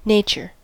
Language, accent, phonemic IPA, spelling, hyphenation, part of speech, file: English, US, /ˈneɪ̯.t͡ʃəɹ/, nature, na‧ture, noun / verb, En-us-nature.ogg